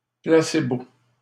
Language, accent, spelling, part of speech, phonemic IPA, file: French, Canada, placebo, noun, /pla.se.bo/, LL-Q150 (fra)-placebo.wav
- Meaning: placebo